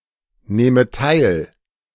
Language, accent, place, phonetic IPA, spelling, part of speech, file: German, Germany, Berlin, [ˌneːmə ˈtaɪ̯l], nehme teil, verb, De-nehme teil.ogg
- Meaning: inflection of teilnehmen: 1. first-person singular present 2. first/third-person singular subjunctive I